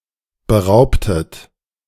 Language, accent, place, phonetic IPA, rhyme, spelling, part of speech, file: German, Germany, Berlin, [bəˈʁaʊ̯ptət], -aʊ̯ptət, beraubtet, verb, De-beraubtet.ogg
- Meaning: inflection of berauben: 1. second-person plural preterite 2. second-person plural subjunctive II